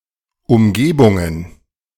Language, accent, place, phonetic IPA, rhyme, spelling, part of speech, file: German, Germany, Berlin, [ʊmˈɡeːbʊŋən], -eːbʊŋən, Umgebungen, noun, De-Umgebungen.ogg
- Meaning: plural of Umgebung